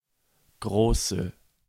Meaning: inflection of groß: 1. strong/mixed nominative/accusative feminine singular 2. strong nominative/accusative plural 3. weak nominative all-gender singular 4. weak accusative feminine/neuter singular
- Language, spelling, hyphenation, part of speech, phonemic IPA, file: German, große, gro‧ße, adjective, /ˈɡʁoːsə/, De-große.ogg